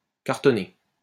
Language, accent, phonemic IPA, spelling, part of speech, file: French, France, /kaʁ.tɔ.ne/, cartonner, verb, LL-Q150 (fra)-cartonner.wav
- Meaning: 1. to cover with cardboard; (of a book) to print in hardcover 2. to attack, vigorously critique 3. to possess sexually 4. to hit the jackpot 5. to be in danger, exposed, etc